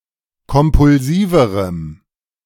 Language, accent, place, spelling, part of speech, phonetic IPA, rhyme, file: German, Germany, Berlin, kompulsiverem, adjective, [kɔmpʊlˈziːvəʁəm], -iːvəʁəm, De-kompulsiverem.ogg
- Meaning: strong dative masculine/neuter singular comparative degree of kompulsiv